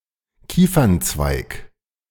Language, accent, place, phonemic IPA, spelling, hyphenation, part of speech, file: German, Germany, Berlin, /ˈkiːfɐntsvaɪ̯k/, Kiefernzweig, Kie‧fern‧zweig, noun, De-Kiefernzweig.ogg
- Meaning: pine branch